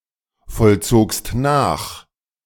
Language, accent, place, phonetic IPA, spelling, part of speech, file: German, Germany, Berlin, [fɔlˌt͡soːkst ˈnaːx], vollzogst nach, verb, De-vollzogst nach.ogg
- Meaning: second-person singular preterite of nachvollziehen